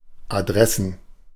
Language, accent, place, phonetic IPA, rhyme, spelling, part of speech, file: German, Germany, Berlin, [aˈdʁɛsn̩], -ɛsn̩, Adressen, noun, De-Adressen.ogg
- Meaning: plural of Adresse